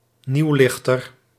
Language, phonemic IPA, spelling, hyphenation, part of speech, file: Dutch, /ˈniu̯ˌlɪx.tər/, nieuwlichter, nieuw‧lich‧ter, noun, Nl-nieuwlichter.ogg
- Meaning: one who introduces or adheres to new (newfangled) notions, practices or commodities